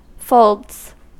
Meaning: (noun) plural of fold; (verb) third-person singular simple present indicative of fold
- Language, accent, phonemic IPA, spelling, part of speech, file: English, US, /foʊldz/, folds, noun / verb, En-us-folds.ogg